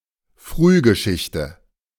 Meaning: protohistory
- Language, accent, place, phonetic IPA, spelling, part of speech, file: German, Germany, Berlin, [ˈfʁyːɡəˌʃɪçtə], Frühgeschichte, noun, De-Frühgeschichte.ogg